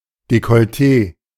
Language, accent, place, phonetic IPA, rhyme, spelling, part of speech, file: German, Germany, Berlin, [ˌdekɔlˈteː], -eː, Dekolletee, noun, De-Dekolletee.ogg
- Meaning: alternative spelling of Dekolleté